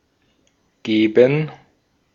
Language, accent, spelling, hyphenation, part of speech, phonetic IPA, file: German, Austria, geben, ge‧ben, verb, [ˈɡ̊eːbm̩], De-at-geben.ogg
- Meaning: 1. to give (changing ownership) 2. to hand, to pass, to put within reach